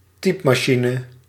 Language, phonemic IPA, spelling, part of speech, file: Dutch, /ˈtipmɑˌʃinə/, typemachine, noun, Nl-typemachine.ogg
- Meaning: alternative spelling of typmachine